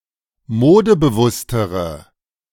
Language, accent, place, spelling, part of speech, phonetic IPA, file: German, Germany, Berlin, modebewusstere, adjective, [ˈmoːdəbəˌvʊstəʁə], De-modebewusstere.ogg
- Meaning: inflection of modebewusst: 1. strong/mixed nominative/accusative feminine singular comparative degree 2. strong nominative/accusative plural comparative degree